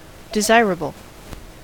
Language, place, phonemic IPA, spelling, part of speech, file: English, California, /dɪˈzaɪɹəbəl/, desirable, adjective / noun, En-us-desirable.ogg
- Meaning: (adjective) 1. Worthy to be desired; pleasing; agreeable 2. Sexually attractive; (noun) A thing that people want; something that is desirable